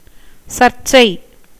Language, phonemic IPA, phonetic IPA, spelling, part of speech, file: Tamil, /tʃɐɾtʃtʃɐɪ̯/, [sɐɾssɐɪ̯], சர்ச்சை, noun, Ta-சர்ச்சை.ogg
- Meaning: 1. inquiry critical study 2. discussion, debate, argument 3. controversy 4. censure, abuse